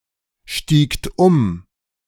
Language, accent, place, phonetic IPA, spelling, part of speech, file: German, Germany, Berlin, [ˌʃtiːkt ˈʊm], stiegt um, verb, De-stiegt um.ogg
- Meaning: second-person plural preterite of umsteigen